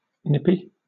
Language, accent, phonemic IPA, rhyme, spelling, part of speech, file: English, Southern England, /ˈnɪpi/, -ɪpi, nippy, adjective / noun, LL-Q1860 (eng)-nippy.wav
- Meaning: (adjective) 1. Fast; speedy 2. Rather cold 3. Inclined to nip; bitey 4. Annoying; irritating 5. Sharp in taste 6. Spicy tasting 7. Curt 8. Parsimonious 9. The quality of being made of nips